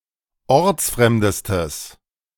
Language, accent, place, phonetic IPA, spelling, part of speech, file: German, Germany, Berlin, [ˈɔʁt͡sˌfʁɛmdəstəs], ortsfremdestes, adjective, De-ortsfremdestes.ogg
- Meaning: strong/mixed nominative/accusative neuter singular superlative degree of ortsfremd